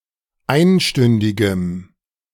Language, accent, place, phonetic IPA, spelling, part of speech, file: German, Germany, Berlin, [ˈaɪ̯nˌʃtʏndɪɡəm], einstündigem, adjective, De-einstündigem.ogg
- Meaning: strong dative masculine/neuter singular of einstündig